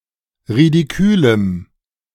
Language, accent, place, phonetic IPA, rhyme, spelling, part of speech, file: German, Germany, Berlin, [ʁidiˈkyːləm], -yːləm, ridikülem, adjective, De-ridikülem.ogg
- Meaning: strong dative masculine/neuter singular of ridikül